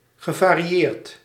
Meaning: past participle of variëren
- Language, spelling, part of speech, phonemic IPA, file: Dutch, gevarieerd, verb / adjective, /ɣəˌvariˈjert/, Nl-gevarieerd.ogg